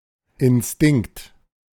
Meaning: instinct
- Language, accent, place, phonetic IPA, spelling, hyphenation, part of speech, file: German, Germany, Berlin, [ɪnˈstɪŋkt], Instinkt, In‧stinkt, noun, De-Instinkt.ogg